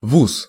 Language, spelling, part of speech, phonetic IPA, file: Russian, вуз, noun, [vus], Ru-вуз.ogg
- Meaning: acronym of вы́сшее уче́бное заведе́ние (výsšeje učébnoje zavedénije, “higher/highest educational establishment”): university, college, institute